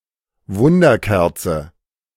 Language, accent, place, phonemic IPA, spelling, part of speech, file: German, Germany, Berlin, /ˈvʊndəʁˌkɛʁt͡sə/, Wunderkerze, noun, De-Wunderkerze.ogg
- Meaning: A hand-held firework emitting sparks, a sparkler